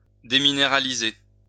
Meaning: to demineralize
- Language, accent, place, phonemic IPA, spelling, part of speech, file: French, France, Lyon, /de.mi.ne.ʁa.li.ze/, déminéraliser, verb, LL-Q150 (fra)-déminéraliser.wav